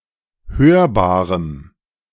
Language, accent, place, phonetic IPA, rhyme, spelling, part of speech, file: German, Germany, Berlin, [ˈhøːɐ̯baːʁəm], -øːɐ̯baːʁəm, hörbarem, adjective, De-hörbarem.ogg
- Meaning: strong dative masculine/neuter singular of hörbar